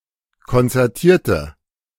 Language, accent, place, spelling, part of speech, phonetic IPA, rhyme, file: German, Germany, Berlin, konzertierte, adjective / verb, [kɔnt͡sɛʁˈtiːɐ̯tə], -iːɐ̯tə, De-konzertierte.ogg
- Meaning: inflection of konzertiert: 1. strong/mixed nominative/accusative feminine singular 2. strong nominative/accusative plural 3. weak nominative all-gender singular